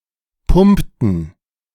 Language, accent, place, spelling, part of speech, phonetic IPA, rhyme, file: German, Germany, Berlin, pumpten, verb, [ˈpʊmptn̩], -ʊmptn̩, De-pumpten.ogg
- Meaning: inflection of pumpen: 1. first/third-person plural preterite 2. first/third-person plural subjunctive II